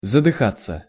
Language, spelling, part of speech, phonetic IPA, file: Russian, задыхаться, verb, [zədɨˈxat͡sːə], Ru-задыхаться.ogg
- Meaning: 1. to choke, to strangle, to suffocate 2. to gasp 3. to pant